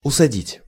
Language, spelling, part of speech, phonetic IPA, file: Russian, усадить, verb, [ʊsɐˈdʲitʲ], Ru-усадить.ogg
- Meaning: 1. to make or let someone sit down, to seat 2. to ask someone to sit down 3. to set (someone to do something) 4. to plant (e.g. trees or flowers)